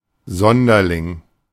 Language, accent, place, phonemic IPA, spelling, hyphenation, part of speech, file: German, Germany, Berlin, /ˈzɔndɐlɪŋ/, Sonderling, Son‧der‧ling, noun, De-Sonderling.ogg
- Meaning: eccentric, nerd, a solitary person (someone deviating from the norm)